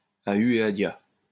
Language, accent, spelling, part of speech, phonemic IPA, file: French, France, à hue et à dia, adverb, /a y e a dja/, LL-Q150 (fra)-à hue et à dia.wav
- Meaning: 1. in all directions; in opposite directions 2. indiscriminately